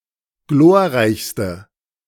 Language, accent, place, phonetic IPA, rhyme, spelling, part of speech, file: German, Germany, Berlin, [ˈɡloːɐ̯ˌʁaɪ̯çstə], -oːɐ̯ʁaɪ̯çstə, glorreichste, adjective, De-glorreichste.ogg
- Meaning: inflection of glorreich: 1. strong/mixed nominative/accusative feminine singular superlative degree 2. strong nominative/accusative plural superlative degree